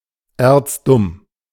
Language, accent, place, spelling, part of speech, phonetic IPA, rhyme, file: German, Germany, Berlin, erzdumm, adjective, [eːɐ̯t͡sˈdʊm], -ʊm, De-erzdumm.ogg
- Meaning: very stupid